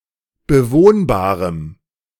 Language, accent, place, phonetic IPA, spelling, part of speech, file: German, Germany, Berlin, [bəˈvoːnbaːʁəm], bewohnbarem, adjective, De-bewohnbarem.ogg
- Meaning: strong dative masculine/neuter singular of bewohnbar